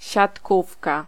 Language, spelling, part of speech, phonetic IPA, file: Polish, siatkówka, noun, [ɕatˈkufka], Pl-siatkówka.ogg